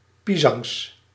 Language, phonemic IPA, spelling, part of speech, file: Dutch, /ˈpisɑŋs/, pisangs, noun, Nl-pisangs.ogg
- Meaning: plural of pisang